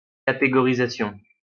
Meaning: categorization/categorisation
- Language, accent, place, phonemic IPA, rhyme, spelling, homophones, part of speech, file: French, France, Lyon, /ka.te.ɡɔ.ʁi.za.sjɔ̃/, -jɔ̃, catégorisation, catégorisations, noun, LL-Q150 (fra)-catégorisation.wav